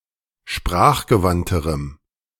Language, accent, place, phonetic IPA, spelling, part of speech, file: German, Germany, Berlin, [ˈʃpʁaːxɡəˌvantəʁəm], sprachgewandterem, adjective, De-sprachgewandterem.ogg
- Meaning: strong dative masculine/neuter singular comparative degree of sprachgewandt